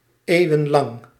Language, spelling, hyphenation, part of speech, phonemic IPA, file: Dutch, eeuwenlang, eeu‧wen‧lang, adverb / adjective, /ˌeːu̯.ə(n)ˈlɑŋ/, Nl-eeuwenlang.ogg
- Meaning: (adverb) for centuries; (adjective) for centuries, lasting centuries, centuries-long